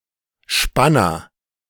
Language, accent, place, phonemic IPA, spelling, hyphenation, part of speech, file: German, Germany, Berlin, /ˈʃpanɐ/, Spanner, Span‧ner, noun, De-Spanner.ogg
- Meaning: agent noun of spannen: 1. shoe tree 2. clamp 3. geometrid (moth of the family Geometridae) 4. voyeur